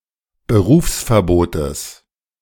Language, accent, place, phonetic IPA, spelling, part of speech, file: German, Germany, Berlin, [bəˈʁuːfsfɛɐ̯ˌboːtəs], Berufsverbotes, noun, De-Berufsverbotes.ogg
- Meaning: genitive singular of Berufsverbot